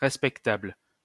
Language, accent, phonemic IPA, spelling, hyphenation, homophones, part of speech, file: French, France, /ʁɛs.pɛk.tabl/, respectable, res‧pec‧table, respectables, adjective, LL-Q150 (fra)-respectable.wav
- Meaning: respectable